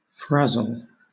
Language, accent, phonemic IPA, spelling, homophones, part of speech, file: English, Southern England, /ˈfɹæz(ə)l/, frazzle, frazil, verb / noun, LL-Q1860 (eng)-frazzle.wav
- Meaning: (verb) 1. To fray or wear down, especially at the edges 2. To drain emotionally or physically; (noun) 1. A burnt fragment; a cinder or crisp 2. The condition or quality of being frazzled; a frayed end